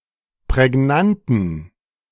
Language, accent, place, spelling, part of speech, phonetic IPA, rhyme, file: German, Germany, Berlin, prägnanten, adjective, [pʁɛˈɡnantn̩], -antn̩, De-prägnanten.ogg
- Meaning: inflection of prägnant: 1. strong genitive masculine/neuter singular 2. weak/mixed genitive/dative all-gender singular 3. strong/weak/mixed accusative masculine singular 4. strong dative plural